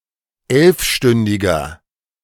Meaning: inflection of elfstündig: 1. strong/mixed nominative masculine singular 2. strong genitive/dative feminine singular 3. strong genitive plural
- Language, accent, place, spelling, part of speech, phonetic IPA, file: German, Germany, Berlin, elfstündiger, adjective, [ˈɛlfˌʃtʏndɪɡɐ], De-elfstündiger.ogg